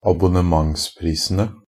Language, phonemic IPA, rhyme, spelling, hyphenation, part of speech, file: Norwegian Bokmål, /abʊnəˈmaŋspriːsənə/, -ənə, abonnementsprisene, ab‧on‧ne‧ments‧pris‧en‧e, noun, NB - Pronunciation of Norwegian Bokmål «abonnementsprisene».ogg
- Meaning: definite plural of abonnementspris